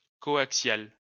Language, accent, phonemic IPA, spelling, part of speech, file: French, France, /kɔ.ak.sjal/, coaxial, adjective / noun, LL-Q150 (fra)-coaxial.wav
- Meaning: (adjective) coaxial; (noun) ellipsis of câble coaxial (“coaxial cable”)